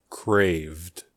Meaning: simple past and past participle of crave
- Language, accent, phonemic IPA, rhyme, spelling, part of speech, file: English, US, /kɹeɪvd/, -eɪvd, craved, verb, En-us-craved.ogg